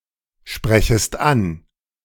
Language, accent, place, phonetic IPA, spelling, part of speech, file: German, Germany, Berlin, [ˌʃpʁɛçəst ˈan], sprechest an, verb, De-sprechest an.ogg
- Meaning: second-person singular subjunctive I of ansprechen